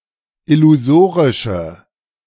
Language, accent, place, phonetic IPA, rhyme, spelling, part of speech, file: German, Germany, Berlin, [ɪluˈzoːʁɪʃə], -oːʁɪʃə, illusorische, adjective, De-illusorische.ogg
- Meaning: inflection of illusorisch: 1. strong/mixed nominative/accusative feminine singular 2. strong nominative/accusative plural 3. weak nominative all-gender singular